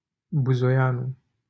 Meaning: a surname
- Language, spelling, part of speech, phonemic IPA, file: Romanian, Buzoianu, proper noun, /bu.zoˈja.nu/, LL-Q7913 (ron)-Buzoianu.wav